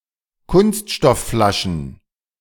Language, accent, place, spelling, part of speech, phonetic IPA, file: German, Germany, Berlin, Kunststoffflaschen, noun, [ˈkʊnstʃtɔfˌflaʃn̩], De-Kunststoffflaschen.ogg
- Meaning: plural of Kunststoffflasche